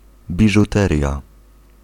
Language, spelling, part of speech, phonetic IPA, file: Polish, biżuteria, noun, [ˌbʲiʒuˈtɛrʲja], Pl-biżuteria.ogg